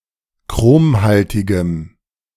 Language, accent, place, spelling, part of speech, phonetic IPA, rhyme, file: German, Germany, Berlin, chromhaltigem, adjective, [ˈkʁoːmˌhaltɪɡəm], -oːmhaltɪɡəm, De-chromhaltigem.ogg
- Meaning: strong dative masculine/neuter singular of chromhaltig